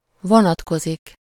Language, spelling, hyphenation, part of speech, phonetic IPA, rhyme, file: Hungarian, vonatkozik, vo‧nat‧ko‧zik, verb, [ˈvonɒtkozik], -ozik, Hu-vonatkozik.ogg
- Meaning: to apply (to pertain or be relevant to a specified individual or group; to something or someone: -ra/-re)